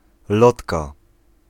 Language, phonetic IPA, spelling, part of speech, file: Polish, [ˈlɔtka], lotka, noun, Pl-lotka.ogg